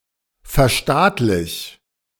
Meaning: 1. singular imperative of verstaatlichen 2. first-person singular present of verstaatlichen
- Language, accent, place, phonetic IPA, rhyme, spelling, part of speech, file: German, Germany, Berlin, [fɛɐ̯ˈʃtaːtlɪç], -aːtlɪç, verstaatlich, verb, De-verstaatlich.ogg